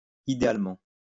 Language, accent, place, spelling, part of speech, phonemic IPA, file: French, France, Lyon, idéalement, adverb, /i.de.al.mɑ̃/, LL-Q150 (fra)-idéalement.wav
- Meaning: ideally; in an ideal world